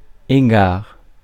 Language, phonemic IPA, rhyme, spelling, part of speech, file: French, /e.ɡaʁ/, -aʁ, égard, noun, Fr-égard.ogg
- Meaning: consideration